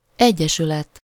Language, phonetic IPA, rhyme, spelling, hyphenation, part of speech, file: Hungarian, [ˈɛɟːɛʃylɛt], -ɛt, egyesület, egye‧sü‧let, noun, Hu-egyesület.ogg
- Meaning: association